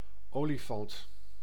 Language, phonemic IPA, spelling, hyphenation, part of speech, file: Dutch, /ˈoː.liˌfɑnt/, olifant, oli‧fant, noun, Nl-olifant.ogg
- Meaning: elephant